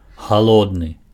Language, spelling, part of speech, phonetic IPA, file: Belarusian, халодны, adjective, [xaˈɫodnɨ], Be-халодны.ogg
- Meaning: 1. cold 2. frigid